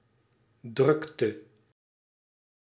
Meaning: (noun) 1. busyness 2. upheaval 3. zest; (verb) inflection of drukken: 1. singular past indicative 2. singular past subjunctive
- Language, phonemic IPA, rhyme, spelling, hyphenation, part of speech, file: Dutch, /ˈdrʏk.tə/, -ʏktə, drukte, druk‧te, noun / verb, Nl-drukte.ogg